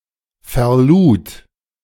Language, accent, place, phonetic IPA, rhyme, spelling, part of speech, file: German, Germany, Berlin, [fɛɐ̯ˈluːt], -uːt, verlud, verb, De-verlud.ogg
- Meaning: first/third-person singular preterite of verladen